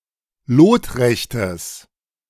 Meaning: strong/mixed nominative/accusative neuter singular of lotrecht
- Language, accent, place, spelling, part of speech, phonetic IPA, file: German, Germany, Berlin, lotrechtes, adjective, [ˈloːtˌʁɛçtəs], De-lotrechtes.ogg